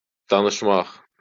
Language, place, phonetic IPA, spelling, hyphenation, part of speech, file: Azerbaijani, Baku, [danɯʃˈmɑχ], danışmaq, da‧nış‧maq, verb, LL-Q9292 (aze)-danışmaq.wav
- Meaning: 1. to speak 2. to tell 3. to converse